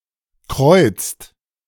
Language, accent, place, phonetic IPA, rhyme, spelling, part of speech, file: German, Germany, Berlin, [kʁɔɪ̯t͡st], -ɔɪ̯t͡st, kreuzt, verb, De-kreuzt.ogg
- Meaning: inflection of kreuzen: 1. second/third-person singular present 2. second-person plural present 3. plural imperative